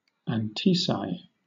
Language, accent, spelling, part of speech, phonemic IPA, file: English, Southern England, antoeci, noun, /ænˈtiːsaɪ/, LL-Q1860 (eng)-antoeci.wav
- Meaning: The inhabitants at two points on the globe that share a longitude and for which the sum of their degrees of latitude equals zero